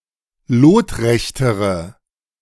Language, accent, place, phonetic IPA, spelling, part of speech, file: German, Germany, Berlin, [ˈloːtˌʁɛçtəʁə], lotrechtere, adjective, De-lotrechtere.ogg
- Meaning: inflection of lotrecht: 1. strong/mixed nominative/accusative feminine singular comparative degree 2. strong nominative/accusative plural comparative degree